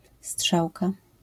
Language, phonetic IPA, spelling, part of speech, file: Polish, [ˈsṭʃawka], strzałka, noun, LL-Q809 (pol)-strzałka.wav